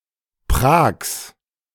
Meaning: 1. a municipality of South Tyrol 2. genitive of Prag
- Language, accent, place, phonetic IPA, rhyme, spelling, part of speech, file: German, Germany, Berlin, [pʁaːks], -aːks, Prags, noun, De-Prags.ogg